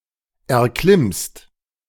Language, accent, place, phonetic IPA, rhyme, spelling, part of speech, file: German, Germany, Berlin, [ɛɐ̯ˈklɪmst], -ɪmst, erklimmst, verb, De-erklimmst.ogg
- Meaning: second-person singular present of erklimmen